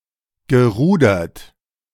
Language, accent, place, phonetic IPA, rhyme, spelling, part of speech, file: German, Germany, Berlin, [ɡəˈʁuːdɐt], -uːdɐt, gerudert, verb, De-gerudert.ogg
- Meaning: past participle of rudern